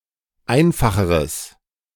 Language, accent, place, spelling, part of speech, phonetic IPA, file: German, Germany, Berlin, einfacheres, adjective, [ˈaɪ̯nfaxəʁəs], De-einfacheres.ogg
- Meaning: strong/mixed nominative/accusative neuter singular comparative degree of einfach